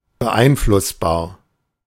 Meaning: impressionable, influenceable, suggestible
- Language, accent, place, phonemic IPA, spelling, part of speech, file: German, Germany, Berlin, /bəˈʔaɪ̯nflʊsbaːɐ̯/, beeinflussbar, adjective, De-beeinflussbar.ogg